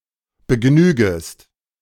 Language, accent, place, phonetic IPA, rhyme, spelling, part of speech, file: German, Germany, Berlin, [bəˈɡnyːɡəst], -yːɡəst, begnügest, verb, De-begnügest.ogg
- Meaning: second-person singular subjunctive I of begnügen